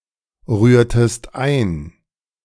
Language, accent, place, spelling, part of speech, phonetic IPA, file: German, Germany, Berlin, rührtest ein, verb, [ˌʁyːɐ̯təst ˈaɪ̯n], De-rührtest ein.ogg
- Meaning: inflection of einrühren: 1. second-person singular preterite 2. second-person singular subjunctive II